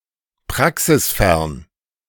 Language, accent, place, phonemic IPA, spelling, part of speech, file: German, Germany, Berlin, /ˈpʁaksɪsˌfɛʁn/, praxisfern, adjective, De-praxisfern.ogg
- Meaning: theoretical (rather than practical)